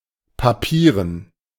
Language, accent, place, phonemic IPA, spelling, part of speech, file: German, Germany, Berlin, /paˈpiːʁən/, papieren, adjective, De-papieren.ogg
- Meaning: 1. paper (made of paper) 2. dry, wooden, dull